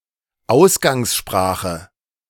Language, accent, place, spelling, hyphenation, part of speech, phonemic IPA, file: German, Germany, Berlin, Ausgangssprache, Aus‧gangs‧spra‧che, noun, /ˈaʊ̯sɡaŋsˌʃpʁaːχə/, De-Ausgangssprache.ogg
- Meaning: source language